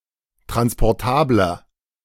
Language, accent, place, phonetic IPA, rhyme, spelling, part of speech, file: German, Germany, Berlin, [tʁanspɔʁˈtaːblɐ], -aːblɐ, transportabler, adjective, De-transportabler.ogg
- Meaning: 1. comparative degree of transportabel 2. inflection of transportabel: strong/mixed nominative masculine singular 3. inflection of transportabel: strong genitive/dative feminine singular